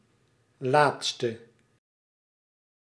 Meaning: inflection of laatst: 1. masculine/feminine singular attributive 2. definite neuter singular attributive 3. plural attributive
- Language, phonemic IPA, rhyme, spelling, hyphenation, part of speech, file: Dutch, /ˈlaːtstə/, -aːtstə, laatste, laat‧ste, adjective, Nl-laatste.ogg